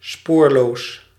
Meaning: traceless, trackless, without a trace
- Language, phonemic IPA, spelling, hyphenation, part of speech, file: Dutch, /ˈspoːrloːs/, spoorloos, spoor‧loos, adjective, Nl-spoorloos.ogg